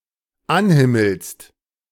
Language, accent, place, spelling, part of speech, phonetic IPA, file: German, Germany, Berlin, anhimmelst, verb, [ˈanˌhɪml̩st], De-anhimmelst.ogg
- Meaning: second-person singular dependent present of anhimmeln